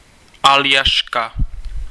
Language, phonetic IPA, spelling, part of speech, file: Czech, [ˈaljaʃka], Aljaška, proper noun, Cs-Aljaška.ogg
- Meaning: Alaska (a state of the United States, formerly a territory)